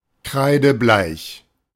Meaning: 1. white as chalk 2. pale, especially pale-faced; white as a sheet
- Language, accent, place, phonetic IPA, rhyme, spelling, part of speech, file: German, Germany, Berlin, [ˈkʁaɪ̯dəˈblaɪ̯ç], -aɪ̯ç, kreidebleich, adjective, De-kreidebleich.ogg